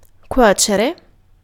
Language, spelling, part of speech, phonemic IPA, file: Italian, cuocere, verb, /ˈkwɔt͡ʃere/, It-cuocere.ogg